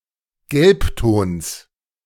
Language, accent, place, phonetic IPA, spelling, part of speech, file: German, Germany, Berlin, [ˈɡɛlpˌtoːns], Gelbtons, noun, De-Gelbtons.ogg
- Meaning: genitive singular of Gelbton